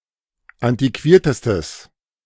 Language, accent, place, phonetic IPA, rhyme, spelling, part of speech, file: German, Germany, Berlin, [ˌantiˈkviːɐ̯təstəs], -iːɐ̯təstəs, antiquiertestes, adjective, De-antiquiertestes.ogg
- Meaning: strong/mixed nominative/accusative neuter singular superlative degree of antiquiert